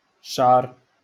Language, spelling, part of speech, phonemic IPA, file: Moroccan Arabic, شعر, noun, /ʃʕar/, LL-Q56426 (ary)-شعر.wav
- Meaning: 1. hair 2. bristles 3. fur